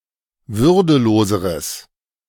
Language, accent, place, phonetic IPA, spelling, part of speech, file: German, Germany, Berlin, [ˈvʏʁdəˌloːzəʁəs], würdeloseres, adjective, De-würdeloseres.ogg
- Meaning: strong/mixed nominative/accusative neuter singular comparative degree of würdelos